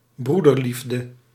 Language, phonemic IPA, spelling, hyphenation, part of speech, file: Dutch, /ˈbru.dərˌlif.də/, broederliefde, broe‧der‧lief‧de, noun, Nl-broederliefde.ogg
- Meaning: brotherly love, fraternal love